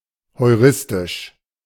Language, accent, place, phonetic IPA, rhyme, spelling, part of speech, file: German, Germany, Berlin, [hɔɪ̯ˈʁɪstɪʃ], -ɪstɪʃ, heuristisch, adjective, De-heuristisch.ogg
- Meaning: heuristic